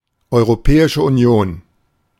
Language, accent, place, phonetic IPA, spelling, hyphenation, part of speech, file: German, Germany, Berlin, [ʔɔɪ̯ʁoˌpɛːɪʃə ʔuˈni̯oːn], Europäische Union, Eu‧ro‧pä‧i‧sche Uni‧on, proper noun, De-Europäische Union.ogg
- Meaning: European Union